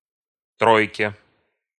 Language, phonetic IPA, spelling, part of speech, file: Russian, [ˈtrojkʲe], тройке, noun, Ru-тройке.ogg
- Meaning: dative/prepositional singular of тро́йка (trójka)